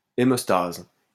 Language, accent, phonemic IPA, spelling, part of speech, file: French, France, /e.mɔs.taz/, hémostase, noun, LL-Q150 (fra)-hémostase.wav
- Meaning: hemostasis